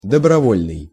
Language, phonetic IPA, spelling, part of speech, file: Russian, [dəbrɐˈvolʲnɨj], добровольный, adjective, Ru-добровольный.ogg
- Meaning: voluntary, of one's free will